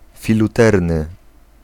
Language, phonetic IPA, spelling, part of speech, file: Polish, [ˌfʲiluˈtɛrnɨ], filuterny, adjective, Pl-filuterny.ogg